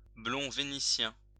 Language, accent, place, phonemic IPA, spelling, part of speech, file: French, France, Lyon, /blɔ̃ ve.ni.sjɛ̃/, blond vénitien, adjective, LL-Q150 (fra)-blond vénitien.wav
- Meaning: strawberry blonde